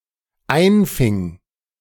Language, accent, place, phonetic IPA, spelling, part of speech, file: German, Germany, Berlin, [ˈaɪ̯nˌfɪŋ], einfing, verb, De-einfing.ogg
- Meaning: first/third-person singular dependent preterite of einfangen